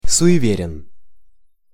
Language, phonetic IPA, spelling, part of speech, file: Russian, [sʊ(j)ɪˈvʲerʲɪn], суеверен, adjective, Ru-суеверен.ogg
- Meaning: short masculine singular of суеве́рный (sujevérnyj)